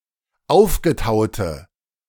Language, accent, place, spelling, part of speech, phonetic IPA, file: German, Germany, Berlin, aufgetaute, adjective, [ˈaʊ̯fɡəˌtaʊ̯tə], De-aufgetaute.ogg
- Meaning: inflection of aufgetaut: 1. strong/mixed nominative/accusative feminine singular 2. strong nominative/accusative plural 3. weak nominative all-gender singular